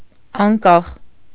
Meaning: independent
- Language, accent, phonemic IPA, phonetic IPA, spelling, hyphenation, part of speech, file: Armenian, Eastern Armenian, /ɑnˈkɑχ/, [ɑŋkɑ́χ], անկախ, ան‧կախ, adjective, Hy-անկախ.ogg